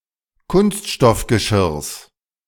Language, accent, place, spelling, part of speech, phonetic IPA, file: German, Germany, Berlin, Kunststoffgeschirrs, noun, [ˈkʊnstʃtɔfɡəˌʃɪʁs], De-Kunststoffgeschirrs.ogg
- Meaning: genitive singular of Kunststoffgeschirr